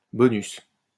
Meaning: 1. premium 2. bonus
- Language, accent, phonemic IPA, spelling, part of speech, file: French, France, /bɔ.nys/, bonus, noun, LL-Q150 (fra)-bonus.wav